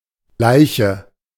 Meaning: dead body, corpse, cadaver, carcass
- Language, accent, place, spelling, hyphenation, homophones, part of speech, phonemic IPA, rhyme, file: German, Germany, Berlin, Leiche, Lei‧che, Laiche, noun, /ˈlaɪ̯çə/, -aɪ̯çə, De-Leiche.ogg